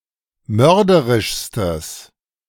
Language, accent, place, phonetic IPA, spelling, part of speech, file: German, Germany, Berlin, [ˈmœʁdəʁɪʃstəs], mörderischstes, adjective, De-mörderischstes.ogg
- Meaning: strong/mixed nominative/accusative neuter singular superlative degree of mörderisch